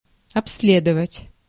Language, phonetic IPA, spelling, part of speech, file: Russian, [ɐps⁽ʲ⁾ˈlʲedəvətʲ], обследовать, verb, Ru-обследовать.ogg
- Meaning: 1. to inspect, to examine 2. to study, to investigate, to inquire (into), to survey 3. to explore